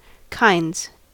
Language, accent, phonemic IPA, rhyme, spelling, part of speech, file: English, US, /kaɪndz/, -aɪndz, kinds, noun, En-us-kinds.ogg
- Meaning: plural of kind